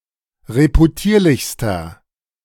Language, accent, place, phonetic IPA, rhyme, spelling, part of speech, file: German, Germany, Berlin, [ʁepuˈtiːɐ̯lɪçstɐ], -iːɐ̯lɪçstɐ, reputierlichster, adjective, De-reputierlichster.ogg
- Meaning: inflection of reputierlich: 1. strong/mixed nominative masculine singular superlative degree 2. strong genitive/dative feminine singular superlative degree 3. strong genitive plural superlative degree